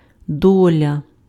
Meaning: 1. part, portion, share 2. fate, lot, destiny
- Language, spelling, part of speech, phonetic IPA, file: Ukrainian, доля, noun, [ˈdɔlʲɐ], Uk-доля.ogg